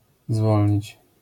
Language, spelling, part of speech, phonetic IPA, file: Polish, zwolnić, verb, [ˈzvɔlʲɲit͡ɕ], LL-Q809 (pol)-zwolnić.wav